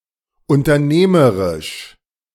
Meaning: entrepreneurial
- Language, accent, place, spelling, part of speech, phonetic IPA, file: German, Germany, Berlin, unternehmerisch, adjective, [ʊntɐˈneːməʁɪʃ], De-unternehmerisch.ogg